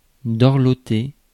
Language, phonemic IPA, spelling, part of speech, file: French, /dɔʁ.lɔ.te/, dorloter, verb, Fr-dorloter.ogg
- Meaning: to pamper, cosset